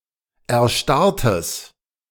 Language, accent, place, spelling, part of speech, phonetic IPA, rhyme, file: German, Germany, Berlin, erstarrtes, adjective, [ɛɐ̯ˈʃtaʁtəs], -aʁtəs, De-erstarrtes.ogg
- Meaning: strong/mixed nominative/accusative neuter singular of erstarrt